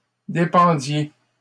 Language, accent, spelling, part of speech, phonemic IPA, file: French, Canada, dépendiez, verb, /de.pɑ̃.dje/, LL-Q150 (fra)-dépendiez.wav
- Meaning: inflection of dépendre: 1. second-person plural imperfect indicative 2. second-person plural present subjunctive